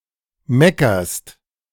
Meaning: second-person singular present of meckern
- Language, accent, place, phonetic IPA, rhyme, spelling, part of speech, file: German, Germany, Berlin, [ˈmɛkɐst], -ɛkɐst, meckerst, verb, De-meckerst.ogg